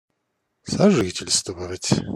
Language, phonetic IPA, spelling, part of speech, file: Russian, [sɐˈʐɨtʲɪlʲstvəvətʲ], сожительствовать, verb, Ru-сожительствовать.ogg
- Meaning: 1. to live (with), to lodge (with), to live together 2. to cohabit, to shack up